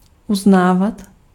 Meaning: to accept, to admit, to recognize
- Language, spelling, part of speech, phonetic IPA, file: Czech, uznávat, verb, [ˈuznaːvat], Cs-uznávat.ogg